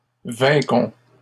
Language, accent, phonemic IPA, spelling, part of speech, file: French, Canada, /vɛ̃.kɔ̃/, vainquons, verb, LL-Q150 (fra)-vainquons.wav
- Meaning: inflection of vaincre: 1. first-person plural present indicative 2. first-person plural imperative